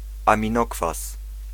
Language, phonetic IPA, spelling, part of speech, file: Polish, [ˌãmʲĩˈnɔkfas], aminokwas, noun, Pl-aminokwas.ogg